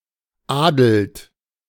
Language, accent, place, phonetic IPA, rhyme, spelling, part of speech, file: German, Germany, Berlin, [ˈaːdl̩t], -aːdl̩t, adelt, verb, De-adelt.ogg
- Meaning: inflection of adeln: 1. second-person plural present 2. third-person singular present 3. plural imperative